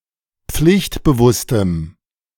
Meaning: strong dative masculine/neuter singular of pflichtbewusst
- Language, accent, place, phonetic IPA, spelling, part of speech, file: German, Germany, Berlin, [ˈp͡flɪçtbəˌvʊstəm], pflichtbewusstem, adjective, De-pflichtbewusstem.ogg